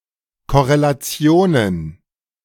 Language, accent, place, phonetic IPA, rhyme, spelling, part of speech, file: German, Germany, Berlin, [kɔʁelaˈt͡si̯oːnən], -oːnən, Korrelationen, noun, De-Korrelationen.ogg
- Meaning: plural of Korrelation